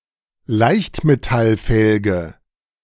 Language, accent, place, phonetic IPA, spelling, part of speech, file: German, Germany, Berlin, [ˈlaɪ̯çtmetalˌfɛlɡə], Leichtmetallfelge, noun, De-Leichtmetallfelge.ogg
- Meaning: alloy wheel